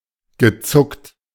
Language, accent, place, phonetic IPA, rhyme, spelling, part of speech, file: German, Germany, Berlin, [ɡəˈt͡sʊkt], -ʊkt, gezuckt, verb, De-gezuckt.ogg
- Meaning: past participle of zucken